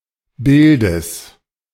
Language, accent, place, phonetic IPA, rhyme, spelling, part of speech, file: German, Germany, Berlin, [ˈbɪldəs], -ɪldəs, Bildes, noun, De-Bildes.ogg
- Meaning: genitive singular of Bild